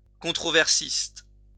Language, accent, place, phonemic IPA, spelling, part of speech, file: French, France, Lyon, /kɔ̃.tʁɔ.vɛʁ.sist/, controversiste, noun, LL-Q150 (fra)-controversiste.wav
- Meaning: controversialist (one who regularly engages in public controversies)